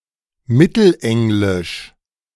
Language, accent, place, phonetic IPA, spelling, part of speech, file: German, Germany, Berlin, [ˈmɪtl̩ˌʔɛŋlɪʃ], mittelenglisch, adjective, De-mittelenglisch.ogg
- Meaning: 1. Middle English (related to the Middle English language) 2. Midland (related to the English Midlands)